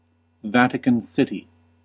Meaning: A city-state in Southern Europe, an enclave within the city of Rome, Italy. Official name: Vatican City State
- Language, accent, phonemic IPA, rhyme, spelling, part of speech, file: English, US, /ˈvæ.tɪ.kən ˈsɪt.i/, -ɪti, Vatican City, proper noun, En-us-Vatican City.ogg